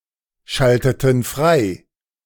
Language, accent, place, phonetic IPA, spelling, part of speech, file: German, Germany, Berlin, [ˌʃaltətn̩ ˈfʁaɪ̯], schalteten frei, verb, De-schalteten frei.ogg
- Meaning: inflection of freischalten: 1. first/third-person plural preterite 2. first/third-person plural subjunctive II